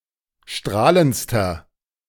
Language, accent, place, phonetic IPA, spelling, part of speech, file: German, Germany, Berlin, [ˈʃtʁaːlənt͡stɐ], strahlendster, adjective, De-strahlendster.ogg
- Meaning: inflection of strahlend: 1. strong/mixed nominative masculine singular superlative degree 2. strong genitive/dative feminine singular superlative degree 3. strong genitive plural superlative degree